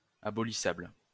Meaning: abolishable
- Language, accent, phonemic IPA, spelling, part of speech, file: French, France, /a.bɔ.li.sabl/, abolissable, adjective, LL-Q150 (fra)-abolissable.wav